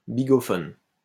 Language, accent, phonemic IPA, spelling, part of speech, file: French, France, /bi.ɡɔ.fɔn/, bigophone, noun, LL-Q150 (fra)-bigophone.wav
- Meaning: 1. bigophone 2. telephone